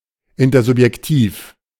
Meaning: intersubjective
- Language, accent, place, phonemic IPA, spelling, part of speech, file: German, Germany, Berlin, /ˌɪntɐzʊpjɛkˈtiːf/, intersubjektiv, adjective, De-intersubjektiv.ogg